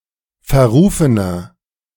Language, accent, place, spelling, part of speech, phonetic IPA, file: German, Germany, Berlin, verrufener, adjective, [fɛɐ̯ˈʁuːfənɐ], De-verrufener.ogg
- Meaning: 1. comparative degree of verrufen 2. inflection of verrufen: strong/mixed nominative masculine singular 3. inflection of verrufen: strong genitive/dative feminine singular